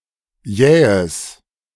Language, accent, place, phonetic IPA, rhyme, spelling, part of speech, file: German, Germany, Berlin, [ˈjɛːəs], -ɛːəs, jähes, adjective, De-jähes.ogg
- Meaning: strong/mixed nominative/accusative neuter singular of jäh